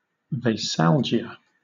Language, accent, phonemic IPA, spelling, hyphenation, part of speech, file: English, Southern England, /veɪsˈæl.d͡ʒɪ.ə/, veisalgia, veis‧al‧gia, noun, LL-Q1860 (eng)-veisalgia.wav
- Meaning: The unpleasant after-effects of the consumption of alcohol; a hangover